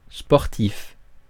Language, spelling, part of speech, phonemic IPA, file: French, sportif, adjective / noun, /spɔʁ.tif/, Fr-sportif.ogg
- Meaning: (adjective) 1. athletic; enjoying and frequently participating in sports, sporty 2. sports; athletic; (noun) sportsman